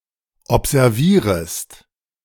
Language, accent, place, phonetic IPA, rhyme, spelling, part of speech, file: German, Germany, Berlin, [ɔpzɛʁˈviːʁəst], -iːʁəst, observierest, verb, De-observierest.ogg
- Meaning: second-person singular subjunctive I of observieren